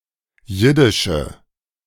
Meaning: inflection of jiddisch: 1. strong/mixed nominative/accusative feminine singular 2. strong nominative/accusative plural 3. weak nominative all-gender singular
- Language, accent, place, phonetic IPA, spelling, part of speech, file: German, Germany, Berlin, [ˈjɪdɪʃə], jiddische, adjective, De-jiddische.ogg